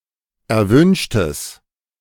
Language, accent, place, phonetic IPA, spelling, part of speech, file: German, Germany, Berlin, [ɛɐ̯ˈvʏnʃtəs], erwünschtes, adjective, De-erwünschtes.ogg
- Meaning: strong/mixed nominative/accusative neuter singular of erwünscht